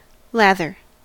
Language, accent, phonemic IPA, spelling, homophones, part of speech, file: English, US, /ˈlæð.ɚ/, lather, lava, noun / verb, En-us-lather.ogg
- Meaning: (noun) 1. The foam made by rapidly stirring soap and water 2. Foam from profuse sweating, as of a horse 3. A state of agitation; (verb) 1. To cover with lather 2. To beat or whip